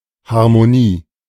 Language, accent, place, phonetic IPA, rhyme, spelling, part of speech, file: German, Germany, Berlin, [ˌhaʁmoˈniː], -iː, Harmonie, noun, De-Harmonie.ogg
- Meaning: harmony